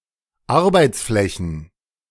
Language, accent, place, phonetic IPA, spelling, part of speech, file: German, Germany, Berlin, [ˈaʁbaɪ̯t͡sˌflɛçn̩], Arbeitsflächen, noun, De-Arbeitsflächen.ogg
- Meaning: plural of Arbeitsfläche